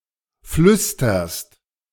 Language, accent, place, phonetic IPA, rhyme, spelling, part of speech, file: German, Germany, Berlin, [ˈflʏstɐst], -ʏstɐst, flüsterst, verb, De-flüsterst.ogg
- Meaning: second-person singular present of flüstern